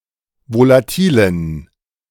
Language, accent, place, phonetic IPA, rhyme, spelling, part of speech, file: German, Germany, Berlin, [volaˈtiːlən], -iːlən, volatilen, adjective, De-volatilen.ogg
- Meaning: inflection of volatil: 1. strong genitive masculine/neuter singular 2. weak/mixed genitive/dative all-gender singular 3. strong/weak/mixed accusative masculine singular 4. strong dative plural